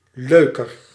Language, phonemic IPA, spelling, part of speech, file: Dutch, /ˈløːkər/, leuker, adjective, Nl-leuker.ogg
- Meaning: comparative degree of leuk